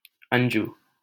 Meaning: 1. onefold, straightforward, simple 2. clear, apparent
- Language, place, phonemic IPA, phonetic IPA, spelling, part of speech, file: Hindi, Delhi, /ən.d͡ʒuː/, [ɐ̃n.d͡ʒuː], अंजु, adjective, LL-Q1568 (hin)-अंजु.wav